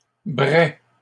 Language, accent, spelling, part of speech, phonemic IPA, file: French, Canada, braient, verb, /bʁɛ/, LL-Q150 (fra)-braient.wav
- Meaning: third-person plural present indicative/subjunctive of brayer